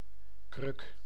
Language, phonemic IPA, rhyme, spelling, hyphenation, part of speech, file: Dutch, /krʏk/, -ʏk, kruk, kruk, noun / verb, Nl-kruk.ogg
- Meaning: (noun) 1. stool (piece of furniture without back or armrests) 2. crutch (device to assist in motion) 3. handle; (verb) inflection of krukken: first-person singular present indicative